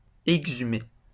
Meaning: to exhume
- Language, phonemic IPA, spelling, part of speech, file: French, /ɛɡ.zy.me/, exhumer, verb, LL-Q150 (fra)-exhumer.wav